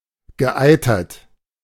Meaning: past participle of eitern
- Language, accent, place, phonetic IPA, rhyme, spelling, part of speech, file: German, Germany, Berlin, [ɡəˈʔaɪ̯tɐt], -aɪ̯tɐt, geeitert, verb, De-geeitert.ogg